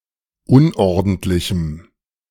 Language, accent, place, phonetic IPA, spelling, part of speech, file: German, Germany, Berlin, [ˈʊnʔɔʁdn̩tlɪçm̩], unordentlichem, adjective, De-unordentlichem.ogg
- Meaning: strong dative masculine/neuter singular of unordentlich